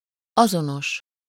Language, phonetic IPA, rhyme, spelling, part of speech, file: Hungarian, [ˈɒzonoʃ], -oʃ, azonos, adjective, Hu-azonos.ogg
- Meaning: identical, same (bearing full likeness by having precisely the same set of characteristics; with something: -val/-vel)